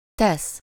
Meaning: 1. to do (optionally with -val/-vel for the target person or object) 2. to place, to put (with lative suffixes) 3. to make (to cause to be; with the result in -vá/-vé)
- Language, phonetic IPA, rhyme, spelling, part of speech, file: Hungarian, [ˈtɛs], -ɛs, tesz, verb, Hu-tesz.ogg